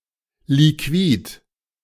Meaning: liquid
- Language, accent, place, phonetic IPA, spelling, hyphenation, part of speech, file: German, Germany, Berlin, [liˈkviːt], Liquid, Li‧quid, noun, De-Liquid.ogg